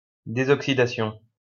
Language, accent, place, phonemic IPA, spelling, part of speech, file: French, France, Lyon, /de.zɔk.si.da.sjɔ̃/, désoxydation, noun, LL-Q150 (fra)-désoxydation.wav
- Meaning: deoxidation